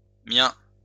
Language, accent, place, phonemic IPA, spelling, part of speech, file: French, France, Lyon, /mjɛ̃/, miens, adjective, LL-Q150 (fra)-miens.wav
- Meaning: masculine plural of mien (“my”)